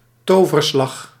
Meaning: stroke of magic
- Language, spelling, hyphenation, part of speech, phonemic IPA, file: Dutch, toverslag, to‧ver‧slag, noun, /ˈtoː.vərˌslɑx/, Nl-toverslag.ogg